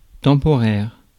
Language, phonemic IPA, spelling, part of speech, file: French, /tɑ̃.pɔ.ʁɛʁ/, temporaire, adjective, Fr-temporaire.ogg
- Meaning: temporary